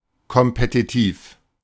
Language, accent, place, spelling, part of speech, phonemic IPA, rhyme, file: German, Germany, Berlin, kompetitiv, adjective, /kɔmpetiˈtiːf/, -iːf, De-kompetitiv.ogg
- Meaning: competitive